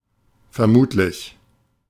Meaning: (adjective) suspected, presumable, assumed; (adverb) presumably
- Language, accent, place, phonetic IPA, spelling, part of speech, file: German, Germany, Berlin, [fɛɐ̯ˈmuːtlɪç], vermutlich, adverb, De-vermutlich.ogg